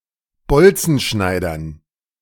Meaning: dative plural of Bolzenschneider
- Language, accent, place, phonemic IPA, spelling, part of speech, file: German, Germany, Berlin, /ˈbɔlt͡sn̩ˌʃnaɪ̯dɐn/, Bolzenschneidern, noun, De-Bolzenschneidern.ogg